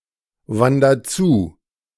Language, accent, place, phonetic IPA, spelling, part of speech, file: German, Germany, Berlin, [ˌvandɐ ˈt͡suː], wander zu, verb, De-wander zu.ogg
- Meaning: inflection of zuwandern: 1. first-person singular present 2. singular imperative